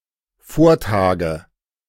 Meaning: nominative/accusative/genitive plural of Vortag
- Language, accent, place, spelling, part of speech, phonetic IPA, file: German, Germany, Berlin, Vortage, noun, [ˈfoːɐ̯ˌtaːɡə], De-Vortage.ogg